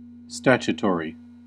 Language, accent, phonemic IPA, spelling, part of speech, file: English, US, /ˈstæt͡ʃəˌtɔɹi/, statutory, adjective, En-us-statutory.ogg
- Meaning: Of, relating to, enacted or regulated by a statute